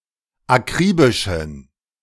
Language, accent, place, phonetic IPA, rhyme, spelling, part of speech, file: German, Germany, Berlin, [aˈkʁiːbɪʃn̩], -iːbɪʃn̩, akribischen, adjective, De-akribischen.ogg
- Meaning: inflection of akribisch: 1. strong genitive masculine/neuter singular 2. weak/mixed genitive/dative all-gender singular 3. strong/weak/mixed accusative masculine singular 4. strong dative plural